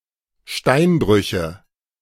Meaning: nominative/accusative/genitive plural of Steinbruch
- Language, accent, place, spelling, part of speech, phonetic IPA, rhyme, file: German, Germany, Berlin, Steinbrüche, noun, [ˈʃtaɪ̯nˌbʁʏçə], -aɪ̯nbʁʏçə, De-Steinbrüche.ogg